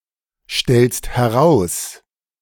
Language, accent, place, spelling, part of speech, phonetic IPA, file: German, Germany, Berlin, stellst heraus, verb, [ˌʃtɛlst hɛˈʁaʊ̯s], De-stellst heraus.ogg
- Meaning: second-person singular present of herausstellen